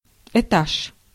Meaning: floor, storey
- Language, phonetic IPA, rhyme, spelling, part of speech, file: Russian, [ɪˈtaʂ], -aʂ, этаж, noun, Ru-этаж.ogg